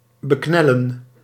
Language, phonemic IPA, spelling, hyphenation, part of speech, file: Dutch, /bəˈknɛ.lə(n)/, beknellen, be‧knel‧len, verb, Nl-beknellen.ogg
- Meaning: 1. to trap by pressing, crushing or squeezing 2. to intimidate, to daunt 3. to enclose, to keep in place